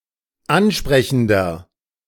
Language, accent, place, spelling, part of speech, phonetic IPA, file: German, Germany, Berlin, ansprechender, adjective, [ˈanˌʃpʁɛçn̩dɐ], De-ansprechender.ogg
- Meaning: inflection of ansprechend: 1. strong/mixed nominative masculine singular 2. strong genitive/dative feminine singular 3. strong genitive plural